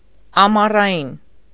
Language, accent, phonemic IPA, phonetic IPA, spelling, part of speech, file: Armenian, Eastern Armenian, /ɑmɑrɑˈjin/, [ɑmɑrɑjín], ամառային, adjective, Hy-ամառային.ogg
- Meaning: summer (attributive)